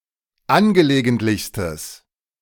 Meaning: strong/mixed nominative/accusative neuter singular superlative degree of angelegentlich
- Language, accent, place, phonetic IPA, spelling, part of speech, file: German, Germany, Berlin, [ˈanɡəleːɡəntlɪçstəs], angelegentlichstes, adjective, De-angelegentlichstes.ogg